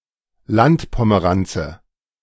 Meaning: country bumpkin
- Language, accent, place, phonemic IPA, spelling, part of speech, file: German, Germany, Berlin, /ˈlantpoməˌʁant͡sə/, Landpomeranze, noun, De-Landpomeranze.ogg